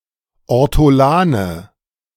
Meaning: nominative/accusative/genitive plural of Ortolan
- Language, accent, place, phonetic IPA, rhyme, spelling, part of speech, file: German, Germany, Berlin, [ɔʁtɔˈlaːnə], -aːnə, Ortolane, noun, De-Ortolane.ogg